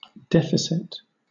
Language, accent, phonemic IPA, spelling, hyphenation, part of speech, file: English, Southern England, /ˈdɛfɪsɪt/, deficit, de‧fi‧cit, noun, LL-Q1860 (eng)-deficit.wav
- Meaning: 1. Deficiency in amount or quality; a falling short; lack 2. A situation wherein, or amount whereby, spending exceeds (e.g. government) revenue